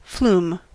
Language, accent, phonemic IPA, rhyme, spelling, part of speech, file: English, US, /fluːm/, -uːm, flume, noun / verb, En-us-flume.ogg
- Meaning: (noun) A ravine or gorge, usually one with water running through